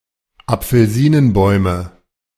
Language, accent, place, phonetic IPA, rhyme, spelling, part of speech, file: German, Germany, Berlin, [ap͡fl̩ˈziːnənˌbɔɪ̯mə], -iːnənbɔɪ̯mə, Apfelsinenbäume, noun, De-Apfelsinenbäume.ogg
- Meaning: nominative/accusative/genitive plural of Apfelsinenbaum